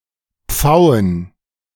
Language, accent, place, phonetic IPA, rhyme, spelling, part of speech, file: German, Germany, Berlin, [ˈp͡faʊ̯ən], -aʊ̯ən, Pfauen, noun, De-Pfauen.ogg
- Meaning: plural of Pfau